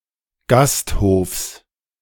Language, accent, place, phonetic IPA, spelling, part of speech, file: German, Germany, Berlin, [ˈɡasthoːfs], Gasthofs, noun, De-Gasthofs.ogg
- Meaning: genitive singular of Gasthof